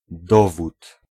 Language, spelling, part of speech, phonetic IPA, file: Polish, dowód, noun, [ˈdɔvut], Pl-dowód.ogg